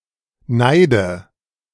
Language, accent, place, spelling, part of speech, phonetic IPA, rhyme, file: German, Germany, Berlin, Neide, noun, [ˈnaɪ̯də], -aɪ̯də, De-Neide.ogg
- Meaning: dative of Neid